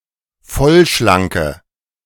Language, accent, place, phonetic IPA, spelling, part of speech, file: German, Germany, Berlin, [ˈfɔlʃlaŋkə], vollschlanke, adjective, De-vollschlanke.ogg
- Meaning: inflection of vollschlank: 1. strong/mixed nominative/accusative feminine singular 2. strong nominative/accusative plural 3. weak nominative all-gender singular